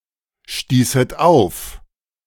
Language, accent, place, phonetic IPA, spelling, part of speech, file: German, Germany, Berlin, [ˌʃtiːsət ˈaʊ̯f], stießet auf, verb, De-stießet auf.ogg
- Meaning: second-person plural subjunctive II of aufstoßen